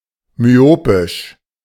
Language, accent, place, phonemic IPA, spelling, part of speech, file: German, Germany, Berlin, /myˈoːpɪʃ/, myopisch, adjective, De-myopisch.ogg
- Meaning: myopic